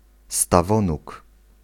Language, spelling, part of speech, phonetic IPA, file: Polish, stawonóg, noun, [staˈvɔ̃nuk], Pl-stawonóg.ogg